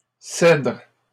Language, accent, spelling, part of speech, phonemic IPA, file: French, Canada, cèdres, noun, /sɛdʁ/, LL-Q150 (fra)-cèdres.wav
- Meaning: plural of cèdre